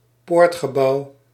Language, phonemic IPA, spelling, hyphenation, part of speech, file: Dutch, /ˈpoːrt.xəˌbɑu̯/, poortgebouw, poort‧ge‧bouw, noun, Nl-poortgebouw.ogg
- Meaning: gatehouse, gate building